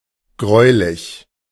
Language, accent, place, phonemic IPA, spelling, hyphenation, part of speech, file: German, Germany, Berlin, /ˈɡʁɔʏ̯lɪç/, gräulich, gräu‧lich, adjective, De-gräulich.ogg
- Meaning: 1. greyish (somewhat grey) 2. ghoulish, gruesome, horrible